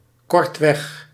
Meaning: briefly
- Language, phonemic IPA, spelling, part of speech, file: Dutch, /ˈkɔrtwɛx/, kortweg, adverb, Nl-kortweg.ogg